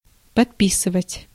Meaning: 1. to sign 2. to add to 3. to subscribe, to take out a subscription for someone
- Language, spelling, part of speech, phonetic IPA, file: Russian, подписывать, verb, [pɐtˈpʲisɨvətʲ], Ru-подписывать.ogg